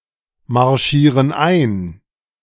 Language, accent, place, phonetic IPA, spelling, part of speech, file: German, Germany, Berlin, [maʁˌʃiːʁən ˈaɪ̯n], marschieren ein, verb, De-marschieren ein.ogg
- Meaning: inflection of einmarschieren: 1. first/third-person plural present 2. first/third-person plural subjunctive I